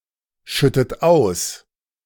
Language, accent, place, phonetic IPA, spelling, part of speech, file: German, Germany, Berlin, [ˌʃʏtət ˈaʊ̯s], schüttet aus, verb, De-schüttet aus.ogg
- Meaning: inflection of ausschütten: 1. second-person plural present 2. second-person plural subjunctive I 3. third-person singular present 4. plural imperative